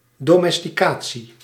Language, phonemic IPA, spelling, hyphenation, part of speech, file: Dutch, /ˌdoː.mɛs.tiˈkaː.(t)si/, domesticatie, do‧mes‧ti‧ca‧tie, noun, Nl-domesticatie.ogg
- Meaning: domestication